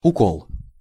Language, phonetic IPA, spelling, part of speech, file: Russian, [ʊˈkoɫ], укол, noun, Ru-укол.ogg
- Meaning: 1. prick, pricking 2. hit, touch 3. injection, shot 4. piquing remark, provoking remark